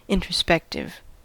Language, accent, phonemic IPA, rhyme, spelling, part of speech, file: English, US, /ˌɪntɹəˈspɛktɪv/, -ɛktɪv, introspective, adjective, En-us-introspective.ogg
- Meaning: Examining one's own perceptions and sensory experiences; contemplative or thoughtful about oneself